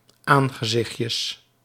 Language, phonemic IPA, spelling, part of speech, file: Dutch, /ˈaŋɣəˌzɪxcəs/, aangezichtjes, noun, Nl-aangezichtjes.ogg
- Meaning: plural of aangezichtje